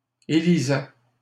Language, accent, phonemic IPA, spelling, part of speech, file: French, Canada, /e.li.zɛ/, élisais, verb, LL-Q150 (fra)-élisais.wav
- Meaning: first/second-person singular imperfect indicative of élire